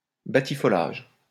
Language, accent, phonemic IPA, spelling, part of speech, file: French, France, /ba.ti.fɔ.laʒ/, batifolage, noun, LL-Q150 (fra)-batifolage.wav
- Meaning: frolic; frolicking